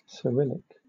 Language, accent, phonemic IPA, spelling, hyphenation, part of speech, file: English, Southern England, /sɪˈɹɪl.ɪk/, Cyrillic, Cy‧ril‧lic, adjective / proper noun, LL-Q1860 (eng)-Cyrillic.wav